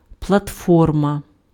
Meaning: platform
- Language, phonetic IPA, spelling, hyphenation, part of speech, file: Ukrainian, [pɫɐtˈfɔrmɐ], платформа, пла‧тфор‧ма, noun, Uk-платформа.ogg